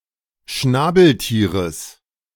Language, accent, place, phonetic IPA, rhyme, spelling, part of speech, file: German, Germany, Berlin, [ˈʃnaːbl̩ˌtiːʁəs], -aːbl̩tiːʁəs, Schnabeltieres, noun, De-Schnabeltieres.ogg
- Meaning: genitive singular of Schnabeltier